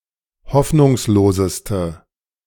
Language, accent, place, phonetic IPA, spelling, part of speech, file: German, Germany, Berlin, [ˈhɔfnʊŋsloːzəstə], hoffnungsloseste, adjective, De-hoffnungsloseste.ogg
- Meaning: inflection of hoffnungslos: 1. strong/mixed nominative/accusative feminine singular superlative degree 2. strong nominative/accusative plural superlative degree